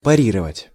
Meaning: to parry, to counter, to retort
- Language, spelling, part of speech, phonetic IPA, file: Russian, парировать, verb, [pɐˈrʲirəvətʲ], Ru-парировать.ogg